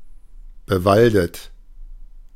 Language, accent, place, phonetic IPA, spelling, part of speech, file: German, Germany, Berlin, [bəˈvaldət], bewaldet, adjective / verb, De-bewaldet.ogg
- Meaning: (verb) past participle of bewalden; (adjective) forested, tree-covered, wooded